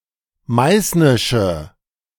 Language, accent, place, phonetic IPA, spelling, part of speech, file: German, Germany, Berlin, [ˈmaɪ̯snɪʃə], meißnische, adjective, De-meißnische.ogg
- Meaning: inflection of meißnisch: 1. strong/mixed nominative/accusative feminine singular 2. strong nominative/accusative plural 3. weak nominative all-gender singular